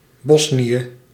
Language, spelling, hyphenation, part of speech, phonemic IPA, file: Dutch, Bosnië, Bos‧nië, proper noun, /ˈbɔs.ni.ə/, Nl-Bosnië.ogg
- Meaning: 1. Bosnia (a geographic region of Bosnia and Herzegovina, consisting of the northern three fourths of the country) 2. Bosnia (a country in southeastern Europe; in full, Bosnië en Herzegovina)